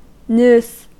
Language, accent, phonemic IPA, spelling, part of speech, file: English, US, /nuːs/, nous, noun, En-us-nous.ogg
- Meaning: 1. The mind or intellect, faculty for rationality or reason using the necessary common sense or awareness 2. The divine reason, regarded as first divine emanation